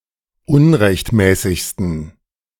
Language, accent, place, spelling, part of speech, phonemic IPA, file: German, Germany, Berlin, unrechtmäßigsten, adjective, /ˈʊnrɛçtmɛːsɪçstən/, De-unrechtmäßigsten.ogg
- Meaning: 1. superlative degree of unrechtmäßig 2. inflection of unrechtmäßig: strong genitive masculine/neuter singular superlative degree